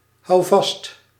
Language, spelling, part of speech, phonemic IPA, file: Dutch, houvast, noun, /ˈɦɑu̯vɑst/, Nl-houvast.ogg
- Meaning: 1. grip, grasp 2. something to hold onto (physically or emotionally), support, solace